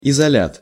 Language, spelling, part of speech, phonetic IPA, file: Russian, изолят, noun, [ɪzɐˈlʲat], Ru-изолят.ogg
- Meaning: isolate